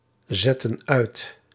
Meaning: inflection of uitzetten: 1. plural present/past indicative 2. plural present/past subjunctive
- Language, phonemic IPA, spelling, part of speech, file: Dutch, /ˌzɛtə(n)ˈœy̯t/, zetten uit, verb, Nl-zetten uit.ogg